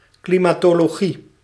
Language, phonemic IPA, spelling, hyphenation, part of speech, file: Dutch, /ˌkli.maː.toː.loːˈɣi/, klimatologie, kli‧ma‧to‧lo‧gie, noun, Nl-klimatologie.ogg
- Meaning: climatology